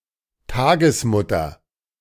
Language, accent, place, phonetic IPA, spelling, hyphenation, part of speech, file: German, Germany, Berlin, [ˈtaːɡəsˌmʊtɐ], Tagesmutter, Tag‧es‧mut‧ter, noun, De-Tagesmutter.ogg
- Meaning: female childminder